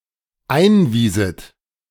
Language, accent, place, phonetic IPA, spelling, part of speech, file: German, Germany, Berlin, [ˈaɪ̯nˌviːzət], einwieset, verb, De-einwieset.ogg
- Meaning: second-person plural dependent subjunctive II of einweisen